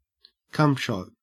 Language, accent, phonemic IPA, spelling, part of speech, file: English, Australia, /ˈkʌm.ʃɒt/, cumshot, noun, En-au-cumshot.ogg
- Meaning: 1. A sex act in pornographic films in which a person ejaculates onto their partner's body 2. The portrayal of ejaculation 3. A trail or splodge of semen